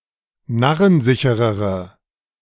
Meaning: inflection of narrensicher: 1. strong/mixed nominative/accusative feminine singular comparative degree 2. strong nominative/accusative plural comparative degree
- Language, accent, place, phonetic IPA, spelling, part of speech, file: German, Germany, Berlin, [ˈnaʁənˌzɪçəʁəʁə], narrensicherere, adjective, De-narrensicherere.ogg